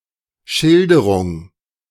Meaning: 1. description, portrayal, depiction 2. narrative
- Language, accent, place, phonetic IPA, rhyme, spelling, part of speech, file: German, Germany, Berlin, [ˈʃɪldəʁʊŋ], -ɪldəʁʊŋ, Schilderung, noun, De-Schilderung.ogg